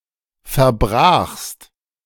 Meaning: second-person singular preterite of verbrechen
- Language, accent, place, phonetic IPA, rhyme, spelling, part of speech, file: German, Germany, Berlin, [fɛɐ̯ˈbʁaːxst], -aːxst, verbrachst, verb, De-verbrachst.ogg